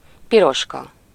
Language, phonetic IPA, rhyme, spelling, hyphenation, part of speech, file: Hungarian, [ˈpiroʃkɒ], -kɒ, Piroska, Pi‧ros‧ka, proper noun, Hu-Piroska.ogg
- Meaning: 1. a female given name 2. The Hungarian name for the fairy figure 'Little Red Riding Hood'